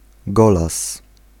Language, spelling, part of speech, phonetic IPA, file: Polish, golas, noun, [ˈɡɔlas], Pl-golas.ogg